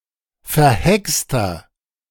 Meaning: inflection of verhext: 1. strong/mixed nominative masculine singular 2. strong genitive/dative feminine singular 3. strong genitive plural
- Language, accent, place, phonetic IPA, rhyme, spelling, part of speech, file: German, Germany, Berlin, [fɛɐ̯ˈhɛkstɐ], -ɛkstɐ, verhexter, adjective, De-verhexter.ogg